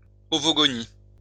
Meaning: ovogonium, oogonium
- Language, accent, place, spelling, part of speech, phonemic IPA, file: French, France, Lyon, ovogonie, noun, /ɔ.vɔ.ɡɔ.ni/, LL-Q150 (fra)-ovogonie.wav